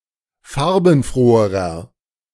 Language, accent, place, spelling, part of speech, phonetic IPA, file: German, Germany, Berlin, farbenfroherer, adjective, [ˈfaʁbn̩ˌfʁoːəʁɐ], De-farbenfroherer.ogg
- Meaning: inflection of farbenfroh: 1. strong/mixed nominative masculine singular comparative degree 2. strong genitive/dative feminine singular comparative degree 3. strong genitive plural comparative degree